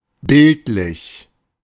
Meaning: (adjective) 1. pictorial, graphic, visual 2. figurative, not literal, metaphorical; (adverb) 1. pictorially 2. figuratively
- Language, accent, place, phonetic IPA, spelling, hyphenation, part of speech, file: German, Germany, Berlin, [ˈbɪltlɪç], bildlich, bild‧lich, adjective / adverb, De-bildlich.ogg